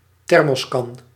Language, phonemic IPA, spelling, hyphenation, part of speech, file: Dutch, /ˈtɛr.mɔsˌkɑn/, thermoskan, ther‧mos‧kan, noun, Nl-thermoskan.ogg
- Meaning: a thermos (vacuum flask)